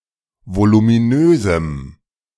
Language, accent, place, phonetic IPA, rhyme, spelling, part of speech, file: German, Germany, Berlin, [volumiˈnøːzm̩], -øːzm̩, voluminösem, adjective, De-voluminösem.ogg
- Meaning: strong dative masculine/neuter singular of voluminös